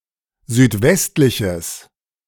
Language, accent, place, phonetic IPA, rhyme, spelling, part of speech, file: German, Germany, Berlin, [zyːtˈvɛstlɪçəs], -ɛstlɪçəs, südwestliches, adjective, De-südwestliches.ogg
- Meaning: strong/mixed nominative/accusative neuter singular of südwestlich